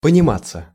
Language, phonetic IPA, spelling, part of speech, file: Russian, [pənʲɪˈmat͡sːə], пониматься, verb, Ru-пониматься.ogg
- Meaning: passive of понима́ть (ponimátʹ)